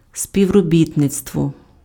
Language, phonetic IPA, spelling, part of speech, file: Ukrainian, [sʲpʲiu̯roˈbʲitnet͡stwɔ], співробітництво, noun, Uk-співробітництво.ogg
- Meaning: cooperation, collaboration